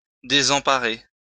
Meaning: 1. to disable (a ship) 2. to cripple, to damage
- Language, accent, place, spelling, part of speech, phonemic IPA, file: French, France, Lyon, désemparer, verb, /de.zɑ̃.pa.ʁe/, LL-Q150 (fra)-désemparer.wav